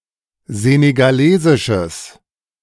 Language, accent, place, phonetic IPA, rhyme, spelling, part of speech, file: German, Germany, Berlin, [ˌzeːneɡaˈleːzɪʃəs], -eːzɪʃəs, senegalesisches, adjective, De-senegalesisches.ogg
- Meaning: strong/mixed nominative/accusative neuter singular of senegalesisch